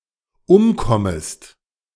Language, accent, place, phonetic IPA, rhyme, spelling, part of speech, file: German, Germany, Berlin, [ˈʊmˌkɔməst], -ʊmkɔməst, umkommest, verb, De-umkommest.ogg
- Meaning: second-person singular dependent subjunctive I of umkommen